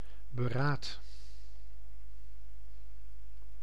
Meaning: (noun) consideration, consultation (the process of considering); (verb) inflection of beraden: 1. first-person singular present indicative 2. second-person singular present indicative 3. imperative
- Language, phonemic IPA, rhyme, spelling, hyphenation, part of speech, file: Dutch, /bəˈraːt/, -aːt, beraad, be‧raad, noun / verb, Nl-beraad.ogg